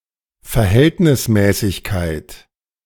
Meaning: proportionality
- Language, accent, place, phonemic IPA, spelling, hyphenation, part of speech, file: German, Germany, Berlin, /fɛɐ̯ˈhɛltnɪsˌmɛːsɪçkaɪ̯t/, Verhältnismäßigkeit, Ver‧hält‧nis‧mä‧ßig‧keit, noun, De-Verhältnismäßigkeit.ogg